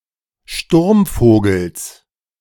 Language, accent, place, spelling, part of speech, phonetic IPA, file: German, Germany, Berlin, Sturmvogels, noun, [ˈʃtuʁmˌfoːɡl̩s], De-Sturmvogels.ogg
- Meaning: genitive singular of Sturmvogel